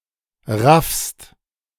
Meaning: second-person singular present of raffen
- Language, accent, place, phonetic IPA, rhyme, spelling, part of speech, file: German, Germany, Berlin, [ʁafst], -afst, raffst, verb, De-raffst.ogg